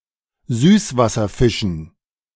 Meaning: dative plural of Süßwasserfisch
- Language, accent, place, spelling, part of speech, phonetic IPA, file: German, Germany, Berlin, Süßwasserfischen, noun, [ˈzyːsvasɐˌfɪʃn̩], De-Süßwasserfischen.ogg